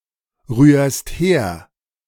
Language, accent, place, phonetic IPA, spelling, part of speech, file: German, Germany, Berlin, [ˌʁyːɐ̯st ˈheːɐ̯], rührst her, verb, De-rührst her.ogg
- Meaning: second-person singular present of herrühren